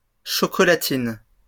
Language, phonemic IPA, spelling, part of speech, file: French, /ʃɔ.kɔ.la.tin/, chocolatines, noun, LL-Q150 (fra)-chocolatines.wav
- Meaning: plural of chocolatine